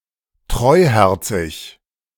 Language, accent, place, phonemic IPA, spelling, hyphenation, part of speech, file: German, Germany, Berlin, /ˈtʁɔɪ̯ˌhɛʁt͡sɪç/, treuherzig, treu‧her‧zig, adjective, De-treuherzig.ogg
- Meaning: trusting, ingenuous